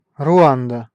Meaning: Rwanda (a country in East Africa)
- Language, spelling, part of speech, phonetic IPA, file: Russian, Руанда, proper noun, [rʊˈandə], Ru-Руанда.ogg